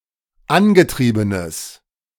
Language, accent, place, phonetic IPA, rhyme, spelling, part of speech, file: German, Germany, Berlin, [ˈanɡəˌtʁiːbənəs], -anɡətʁiːbənəs, angetriebenes, adjective, De-angetriebenes.ogg
- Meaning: strong/mixed nominative/accusative neuter singular of angetrieben